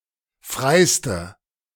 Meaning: inflection of frei: 1. strong/mixed nominative/accusative feminine singular superlative degree 2. strong nominative/accusative plural superlative degree
- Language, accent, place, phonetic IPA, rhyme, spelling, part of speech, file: German, Germany, Berlin, [ˈfʁaɪ̯stə], -aɪ̯stə, freiste, adjective, De-freiste.ogg